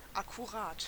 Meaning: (adjective) 1. meticulous 2. exact; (adverb) exactly
- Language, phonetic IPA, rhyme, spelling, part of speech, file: German, [akuˈʁaːt], -aːt, akkurat, adjective, De-akkurat.ogg